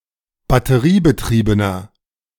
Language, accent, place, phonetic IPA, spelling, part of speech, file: German, Germany, Berlin, [batəˈʁiːbəˌtʁiːbənɐ], batteriebetriebener, adjective, De-batteriebetriebener.ogg
- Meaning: inflection of batteriebetrieben: 1. strong/mixed nominative masculine singular 2. strong genitive/dative feminine singular 3. strong genitive plural